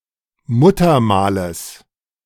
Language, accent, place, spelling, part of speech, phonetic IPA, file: German, Germany, Berlin, Muttermales, noun, [ˈmuːtɐˌmaːləs], De-Muttermales.ogg
- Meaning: genitive singular of Muttermal